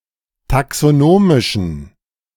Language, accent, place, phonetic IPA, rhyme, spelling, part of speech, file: German, Germany, Berlin, [taksoˈnoːmɪʃn̩], -oːmɪʃn̩, taxonomischen, adjective, De-taxonomischen.ogg
- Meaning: inflection of taxonomisch: 1. strong genitive masculine/neuter singular 2. weak/mixed genitive/dative all-gender singular 3. strong/weak/mixed accusative masculine singular 4. strong dative plural